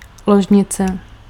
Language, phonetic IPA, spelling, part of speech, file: Czech, [ˈloʒɲɪt͡sɛ], ložnice, noun, Cs-ložnice.ogg
- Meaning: bedroom